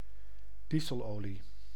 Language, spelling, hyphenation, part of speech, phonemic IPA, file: Dutch, dieselolie, die‧sel‧olie, noun, /ˈdi.zəlˌoː.li/, Nl-dieselolie.ogg
- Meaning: diesel